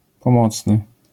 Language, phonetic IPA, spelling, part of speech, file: Polish, [pɔ̃ˈmɔt͡snɨ], pomocny, adjective, LL-Q809 (pol)-pomocny.wav